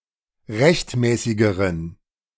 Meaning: inflection of rechtmäßig: 1. strong genitive masculine/neuter singular comparative degree 2. weak/mixed genitive/dative all-gender singular comparative degree
- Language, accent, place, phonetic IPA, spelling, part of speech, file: German, Germany, Berlin, [ˈʁɛçtˌmɛːsɪɡəʁən], rechtmäßigeren, adjective, De-rechtmäßigeren.ogg